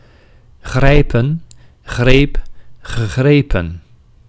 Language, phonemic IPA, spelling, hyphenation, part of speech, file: Dutch, /ˈɣrɛi̯pə(n)/, grijpen, grij‧pen, verb, Nl-grijpen.ogg
- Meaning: to grab